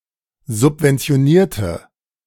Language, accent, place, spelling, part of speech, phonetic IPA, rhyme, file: German, Germany, Berlin, subventionierte, adjective / verb, [zʊpvɛnt͡si̯oˈniːɐ̯tə], -iːɐ̯tə, De-subventionierte.ogg
- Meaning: inflection of subventionieren: 1. first/third-person singular preterite 2. first/third-person singular subjunctive II